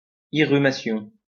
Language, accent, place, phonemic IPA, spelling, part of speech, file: French, France, Lyon, /i.ʁy.ma.sjɔ̃/, irrumation, noun, LL-Q150 (fra)-irrumation.wav
- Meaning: irrumation